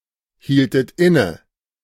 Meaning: inflection of innehalten: 1. second-person plural preterite 2. second-person plural subjunctive II
- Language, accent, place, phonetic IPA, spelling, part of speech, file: German, Germany, Berlin, [ˌhiːltət ˈɪnə], hieltet inne, verb, De-hieltet inne.ogg